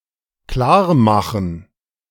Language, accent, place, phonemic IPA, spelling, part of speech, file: German, Germany, Berlin, /ˈklaːrˌmaxən/, klarmachen, verb, De-klarmachen.ogg
- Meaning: 1. to make it clear, to clarify, explain 2. to clear (an airplane) 3. to get ready 4. to fix, cover, get done, sort out 5. to pick up, seduce, bed